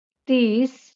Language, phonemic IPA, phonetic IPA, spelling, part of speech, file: Marathi, /t̪is/, [t̪iːs], तीस, numeral, LL-Q1571 (mar)-तीस.wav
- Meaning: thirty